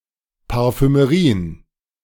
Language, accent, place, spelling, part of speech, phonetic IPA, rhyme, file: German, Germany, Berlin, Parfümerien, noun, [paʁfyməˈʁiːən], -iːən, De-Parfümerien.ogg
- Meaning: plural of Parfümerie